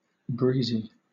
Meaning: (adjective) 1. With a breeze blowing, with a lively wind, pleasantly windy 2. With a cheerful, casual, lively and light-hearted manner; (noun) A young woman
- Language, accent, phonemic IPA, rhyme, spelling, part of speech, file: English, Southern England, /ˈbɹiːzi/, -iːzi, breezy, adjective / noun, LL-Q1860 (eng)-breezy.wav